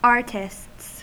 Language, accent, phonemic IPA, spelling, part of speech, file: English, US, /ˈɑɹ.tɪsts/, artists, noun, En-us-artists.ogg
- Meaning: plural of artist